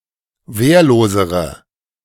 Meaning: inflection of wehrlos: 1. strong/mixed nominative/accusative feminine singular comparative degree 2. strong nominative/accusative plural comparative degree
- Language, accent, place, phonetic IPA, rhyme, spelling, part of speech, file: German, Germany, Berlin, [ˈveːɐ̯loːzəʁə], -eːɐ̯loːzəʁə, wehrlosere, adjective, De-wehrlosere.ogg